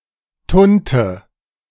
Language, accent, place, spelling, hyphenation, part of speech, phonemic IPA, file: German, Germany, Berlin, Tunte, Tun‧te, noun, /ˈtʊn.tə/, De-Tunte.ogg
- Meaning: queen (flaming male homosexual)